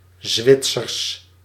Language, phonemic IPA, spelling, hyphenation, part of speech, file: Dutch, /ˈzʋɪt.sərs/, Zwitsers, Zwit‧sers, adjective / noun, Nl-Zwitsers.ogg
- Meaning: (adjective) Swiss; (noun) plural of Zwitser